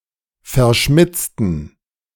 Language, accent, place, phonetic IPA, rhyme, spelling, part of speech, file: German, Germany, Berlin, [fɛɐ̯ˈʃmɪt͡stn̩], -ɪt͡stn̩, verschmitzten, adjective, De-verschmitzten.ogg
- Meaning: inflection of verschmitzt: 1. strong genitive masculine/neuter singular 2. weak/mixed genitive/dative all-gender singular 3. strong/weak/mixed accusative masculine singular 4. strong dative plural